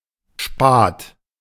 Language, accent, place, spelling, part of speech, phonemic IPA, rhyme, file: German, Germany, Berlin, Spat, noun, /ʃpaːt/, -aːt, De-Spat.ogg
- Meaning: 1. spar 2. parallelepiped 3. spavin (horse disease caused by an ulcer in the leg)